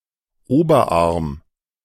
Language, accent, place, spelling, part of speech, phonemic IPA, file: German, Germany, Berlin, Oberarm, noun, /ˈoːbɐˌʔaʁm/, De-Oberarm.ogg
- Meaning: upper arm